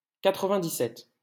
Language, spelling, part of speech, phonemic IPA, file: French, quatre-vingt-dix-sept, numeral, /ka.tʁə.vɛ̃.di.sɛt/, LL-Q150 (fra)-quatre-vingt-dix-sept.wav
- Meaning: ninety-seven